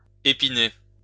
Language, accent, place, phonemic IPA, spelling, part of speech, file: French, France, Lyon, /e.pi.ne/, épiner, verb, LL-Q150 (fra)-épiner.wav
- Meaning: to protect with spikes or spines